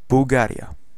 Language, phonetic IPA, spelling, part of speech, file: Polish, [buwˈɡarʲja], Bułgaria, proper noun, Pl-Bułgaria.ogg